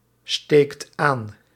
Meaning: inflection of aansteken: 1. second/third-person singular present indicative 2. plural imperative
- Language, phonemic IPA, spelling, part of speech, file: Dutch, /ˈstekt ˈan/, steekt aan, verb, Nl-steekt aan.ogg